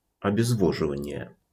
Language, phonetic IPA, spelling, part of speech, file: Russian, [ɐbʲɪzˈvoʐɨvənʲɪje], обезвоживание, noun, RU-обезвоживание.wav
- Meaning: dehydration